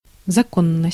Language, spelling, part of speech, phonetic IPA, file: Russian, законность, noun, [zɐˈkonːəsʲtʲ], Ru-законность.ogg
- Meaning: 1. legality, lawfulness, legitimacy 2. rule of law